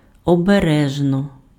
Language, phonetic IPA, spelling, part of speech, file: Ukrainian, [ɔbeˈrɛʒnɔ], обережно, adverb / interjection, Uk-обережно.ogg
- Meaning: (adverb) carefully, cautiously; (interjection) 1. watch out!; caution!; warning 2. beware of ...